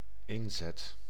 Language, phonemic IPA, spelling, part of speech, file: Dutch, /ˈɪnzɛt/, inzet, noun / verb, Nl-inzet.ogg
- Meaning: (noun) 1. commitment, effort 2. bet, stake 3. cue, musical entry or entrance, the point when someone begins their part